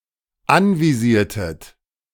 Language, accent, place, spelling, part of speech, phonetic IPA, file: German, Germany, Berlin, anvisiertet, verb, [ˈanviˌziːɐ̯tət], De-anvisiertet.ogg
- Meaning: inflection of anvisieren: 1. second-person plural dependent preterite 2. second-person plural dependent subjunctive II